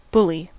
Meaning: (noun) A person who is intentionally physically or emotionally cruel to others, especially to those whom they perceive as being vulnerable or of less power or privilege
- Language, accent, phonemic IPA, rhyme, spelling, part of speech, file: English, US, /ˈbʊli/, -ʊli, bully, noun / verb / adjective / interjection, En-us-bully.ogg